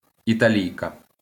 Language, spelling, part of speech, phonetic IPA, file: Ukrainian, італійка, noun, [itɐˈlʲii̯kɐ], LL-Q8798 (ukr)-італійка.wav
- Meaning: female equivalent of італі́єць (italíjecʹ): Italian